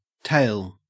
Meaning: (noun) 1. A rehearsal of what has occurred; narrative; discourse; statement; history; story 2. A number told or counted off; a reckoning by count; an enumeration
- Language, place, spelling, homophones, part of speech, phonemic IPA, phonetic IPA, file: English, Queensland, tale, tail, noun / verb, /ˈtæɪ̯l/, [ˈtæ̝ɪ̯ɫ], En-au-tale.ogg